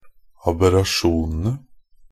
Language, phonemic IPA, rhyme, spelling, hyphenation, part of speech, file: Norwegian Bokmål, /abɛraˈʃuːnənə/, -ənə, aberrasjonene, ab‧er‧ra‧sjon‧en‧e, noun, NB - Pronunciation of Norwegian Bokmål «aberrasjonene».ogg
- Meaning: definite plural of aberrasjon